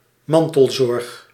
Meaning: provision of care to disabled, old or ill people by non-professionals in their environment
- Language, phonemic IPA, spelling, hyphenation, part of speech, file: Dutch, /ˈmɑn.təlˌzɔrx/, mantelzorg, man‧tel‧zorg, noun, Nl-mantelzorg.ogg